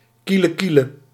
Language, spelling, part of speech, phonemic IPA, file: Dutch, kielekiele, adjective / interjection, /ˌkiləˈkilə/, Nl-kielekiele.ogg
- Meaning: very close, almost, very nearly